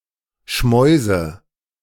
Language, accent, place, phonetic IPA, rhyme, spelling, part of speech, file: German, Germany, Berlin, [ˈʃmɔɪ̯zə], -ɔɪ̯zə, Schmäuse, noun, De-Schmäuse.ogg
- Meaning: nominative/accusative/genitive plural of Schmaus